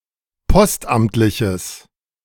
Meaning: strong/mixed nominative/accusative neuter singular of postamtlich
- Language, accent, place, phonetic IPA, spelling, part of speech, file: German, Germany, Berlin, [ˈpɔstˌʔamtlɪçəs], postamtliches, adjective, De-postamtliches.ogg